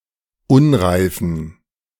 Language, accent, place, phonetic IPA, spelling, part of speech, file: German, Germany, Berlin, [ˈʊnʁaɪ̯fn̩], unreifen, adjective, De-unreifen.ogg
- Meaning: inflection of unreif: 1. strong genitive masculine/neuter singular 2. weak/mixed genitive/dative all-gender singular 3. strong/weak/mixed accusative masculine singular 4. strong dative plural